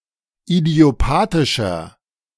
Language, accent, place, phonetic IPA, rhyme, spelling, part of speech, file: German, Germany, Berlin, [idi̯oˈpaːtɪʃɐ], -aːtɪʃɐ, idiopathischer, adjective, De-idiopathischer.ogg
- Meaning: inflection of idiopathisch: 1. strong/mixed nominative masculine singular 2. strong genitive/dative feminine singular 3. strong genitive plural